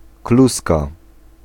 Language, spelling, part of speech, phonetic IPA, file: Polish, kluska, noun, [ˈkluska], Pl-kluska.ogg